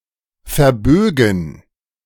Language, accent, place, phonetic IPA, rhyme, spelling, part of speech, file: German, Germany, Berlin, [fɛɐ̯ˈbøːɡn̩], -øːɡn̩, verbögen, verb, De-verbögen.ogg
- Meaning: first/third-person plural subjunctive II of verbiegen